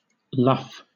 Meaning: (noun) 1. The vertical edge of a sail that is closest to the direction of the wind 2. The act of sailing a ship close to the wind 3. The roundest part of a ship's bow
- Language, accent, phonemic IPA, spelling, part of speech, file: English, Southern England, /lʌf/, luff, noun / verb, LL-Q1860 (eng)-luff.wav